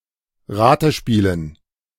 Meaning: dative plural of Ratespiel
- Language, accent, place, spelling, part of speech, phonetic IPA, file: German, Germany, Berlin, Ratespielen, noun, [ˈʁaːtəˌʃpiːlən], De-Ratespielen.ogg